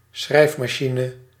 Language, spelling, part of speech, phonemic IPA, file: Dutch, schrijfmachine, noun, /ˈsxrɛi̯f.mɑˌʃi.nə/, Nl-schrijfmachine.ogg
- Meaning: typewriter